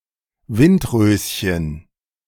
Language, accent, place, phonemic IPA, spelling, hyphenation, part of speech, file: German, Germany, Berlin, /ˈvɪntˌʁøːsçən/, Windröschen, Wind‧rös‧chen, noun, De-Windröschen.ogg
- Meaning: anemone